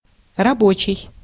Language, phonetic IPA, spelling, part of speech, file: Russian, [rɐˈbot͡ɕɪj], рабочий, noun / adjective, Ru-рабочий.ogg
- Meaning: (noun) worker (a person who performs physical labor for hire, especially in industry, construction, etc.)